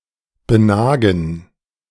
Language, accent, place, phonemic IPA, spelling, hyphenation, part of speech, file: German, Germany, Berlin, /bəˈnaːɡn̩/, benagen, be‧na‧gen, verb, De-benagen.ogg
- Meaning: to gnaw at